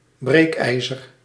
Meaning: a crowbar, metal bar used as a lever to manually force things apart, fit or exerting force to breaking point
- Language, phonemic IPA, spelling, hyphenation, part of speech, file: Dutch, /ˈbreːkˌɛi̯.zər/, breekijzer, breek‧ij‧zer, noun, Nl-breekijzer.ogg